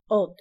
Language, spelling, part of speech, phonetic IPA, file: Polish, od, preposition / noun, [ɔt], Pl-od.ogg